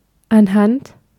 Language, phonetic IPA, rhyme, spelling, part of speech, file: German, [ʔanˈhant], -ant, anhand, preposition, De-anhand.ogg
- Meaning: by means of, with (the help of)